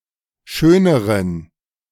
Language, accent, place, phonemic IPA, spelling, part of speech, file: German, Germany, Berlin, /ˈʃøːnəʁən/, schöneren, adjective, De-schöneren.ogg
- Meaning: inflection of schön: 1. strong genitive masculine/neuter singular comparative degree 2. weak/mixed genitive/dative all-gender singular comparative degree